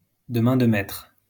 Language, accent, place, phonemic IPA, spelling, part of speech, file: French, France, Lyon, /də mɛ̃ d(ə) mɛtʁ/, de main de maître, adverb, LL-Q150 (fra)-de main de maître.wav
- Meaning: masterfully